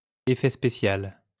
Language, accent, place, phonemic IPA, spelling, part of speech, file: French, France, Lyon, /e.fɛ spe.sjal/, effet spécial, noun, LL-Q150 (fra)-effet spécial.wav
- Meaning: special effect